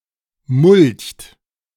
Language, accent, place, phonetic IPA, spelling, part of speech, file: German, Germany, Berlin, [mʊlçt], mulcht, verb, De-mulcht.ogg
- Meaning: inflection of mulchen: 1. third-person singular present 2. second-person plural present 3. plural imperative